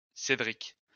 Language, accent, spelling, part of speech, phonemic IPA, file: French, France, Cédric, proper noun, /se.dʁik/, LL-Q150 (fra)-Cédric.wav
- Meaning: a male given name from English Cedric, feminine equivalent Cédrika